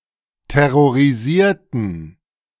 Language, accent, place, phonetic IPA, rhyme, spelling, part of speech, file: German, Germany, Berlin, [tɛʁoʁiˈziːɐ̯tn̩], -iːɐ̯tn̩, terrorisierten, adjective / verb, De-terrorisierten.ogg
- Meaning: inflection of terrorisieren: 1. first/third-person plural preterite 2. first/third-person plural subjunctive II